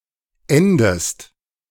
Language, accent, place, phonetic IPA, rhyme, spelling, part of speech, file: German, Germany, Berlin, [ˈɛndəst], -ɛndəst, endest, verb, De-endest.ogg
- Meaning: inflection of enden: 1. second-person singular present 2. second-person singular subjunctive I